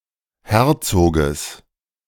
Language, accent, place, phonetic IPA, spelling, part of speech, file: German, Germany, Berlin, [ˈhɛʁt͡soːɡəs], Herzoges, noun, De-Herzoges.ogg
- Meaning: genitive singular of Herzog